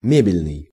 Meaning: furniture
- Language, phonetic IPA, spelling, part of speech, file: Russian, [ˈmʲebʲɪlʲnɨj], мебельный, adjective, Ru-мебельный.ogg